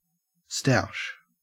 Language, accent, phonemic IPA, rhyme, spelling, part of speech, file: English, Australia, /staʊʃ/, -aʊʃ, stoush, noun / verb, En-au-stoush.ogg
- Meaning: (noun) A fight, an argument; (verb) To fight; to argue